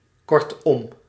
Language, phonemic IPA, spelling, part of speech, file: Dutch, /ˈkɔrtɔm/, kortom, adverb, Nl-kortom.ogg
- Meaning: in short, summarised, shortly said